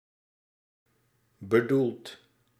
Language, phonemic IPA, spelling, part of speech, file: Dutch, /bəˈdult/, bedoeld, verb / adjective / adverb, Nl-bedoeld.ogg
- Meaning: past participle of bedoelen